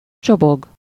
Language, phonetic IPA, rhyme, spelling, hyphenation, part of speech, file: Hungarian, [ˈt͡ʃoboɡ], -oɡ, csobog, cso‧bog, verb, Hu-csobog.ogg
- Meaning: 1. to babble (to make a continuous murmuring noise, as shallow water running over stones) 2. to splash (to produce a sound of flowing water)